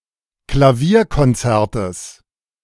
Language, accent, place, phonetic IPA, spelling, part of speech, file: German, Germany, Berlin, [klaˈviːɐ̯kɔnˌt͡sɛʁtəs], Klavierkonzertes, noun, De-Klavierkonzertes.ogg
- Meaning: genitive of Klavierkonzert